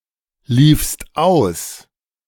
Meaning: second-person singular preterite of auslaufen
- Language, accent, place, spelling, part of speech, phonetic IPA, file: German, Germany, Berlin, liefst aus, verb, [ˌliːfst ˈaʊ̯s], De-liefst aus.ogg